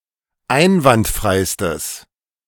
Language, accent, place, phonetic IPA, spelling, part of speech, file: German, Germany, Berlin, [ˈaɪ̯nvantˌfʁaɪ̯stəs], einwandfreistes, adjective, De-einwandfreistes.ogg
- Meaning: strong/mixed nominative/accusative neuter singular superlative degree of einwandfrei